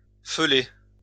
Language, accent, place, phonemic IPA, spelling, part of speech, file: French, France, Lyon, /fø.le/, feuler, verb, LL-Q150 (fra)-feuler.wav
- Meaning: to growl